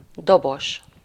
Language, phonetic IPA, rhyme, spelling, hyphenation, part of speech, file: Hungarian, [ˈdoboʃ], -oʃ, dobos, do‧bos, noun, Hu-dobos.ogg
- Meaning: drummer (one who plays the drums)